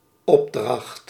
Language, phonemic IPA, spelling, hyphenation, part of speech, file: Dutch, /ˈɔp.drɑxt/, opdracht, op‧dracht, noun, Nl-opdracht.ogg
- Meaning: 1. task, assignment, an action that one is required to do 2. commission, something that has been commissioned 3. order, request 4. dedication (handwritten, by author)